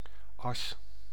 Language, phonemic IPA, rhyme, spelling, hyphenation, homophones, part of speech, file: Dutch, /ɑs/, -ɑs, as, as, Asch, noun / conjunction / preposition, Nl-as.ogg
- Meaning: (noun) 1. ash 2. ashes 3. axis 4. axle 5. A-flat; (conjunction) alternative spelling of als; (preposition) eive ... as: as ... as